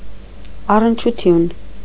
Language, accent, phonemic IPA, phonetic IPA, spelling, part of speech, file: Armenian, Eastern Armenian, /ɑrənt͡ʃʰuˈtʰjun/, [ɑrənt͡ʃʰut͡sʰjún], առնչություն, noun, Hy-առնչություն.ogg
- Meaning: relation; link, connection